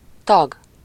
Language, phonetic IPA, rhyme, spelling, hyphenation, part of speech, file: Hungarian, [ˈtɒɡ], -ɒɡ, tag, tag, noun, Hu-tag.ogg
- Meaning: 1. member 2. synonym of végtag (“limb”)